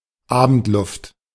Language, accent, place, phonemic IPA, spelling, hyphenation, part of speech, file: German, Germany, Berlin, /ˈaːbəntˌlʊft/, Abendluft, A‧bend‧luft, noun, De-Abendluft.ogg
- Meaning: evening air